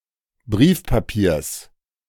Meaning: genitive of Briefpapier
- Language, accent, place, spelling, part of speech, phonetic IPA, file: German, Germany, Berlin, Briefpapiers, noun, [ˈbʁiːfpaˌpiːɐ̯s], De-Briefpapiers.ogg